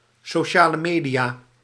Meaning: social media
- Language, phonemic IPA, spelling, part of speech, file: Dutch, /soːˌʃaː.lə ˈmeː.di.aː/, sociale media, noun, Nl-sociale media.ogg